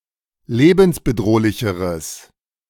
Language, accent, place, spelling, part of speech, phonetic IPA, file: German, Germany, Berlin, lebensbedrohlicheres, adjective, [ˈleːbn̩sbəˌdʁoːlɪçəʁəs], De-lebensbedrohlicheres.ogg
- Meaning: strong/mixed nominative/accusative neuter singular comparative degree of lebensbedrohlich